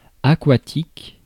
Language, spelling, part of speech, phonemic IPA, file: French, aquatique, adjective, /a.kwa.tik/, Fr-aquatique.ogg
- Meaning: water; aquatic